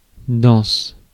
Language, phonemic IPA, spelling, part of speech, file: French, /dɑ̃s/, dense, adjective, Fr-dense.ogg
- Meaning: dense